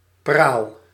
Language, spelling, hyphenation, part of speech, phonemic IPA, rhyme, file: Dutch, praal, praal, noun, /praːl/, -aːl, Nl-praal.ogg
- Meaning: 1. pomp 2. beautiful object